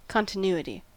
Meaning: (noun) 1. Lack of interruption or disconnection; the quality of being continuous in space or time 2. A characteristic property of a continuous function
- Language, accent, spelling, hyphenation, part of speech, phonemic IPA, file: English, US, continuity, con‧ti‧nu‧i‧ty, noun / adjective, /ˌkɑn.tɪˈn(j)u.ə.ti/, En-us-continuity.ogg